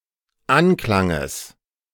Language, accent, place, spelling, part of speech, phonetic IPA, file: German, Germany, Berlin, Anklanges, noun, [ˈanˌklaŋəs], De-Anklanges.ogg
- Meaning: genitive of Anklang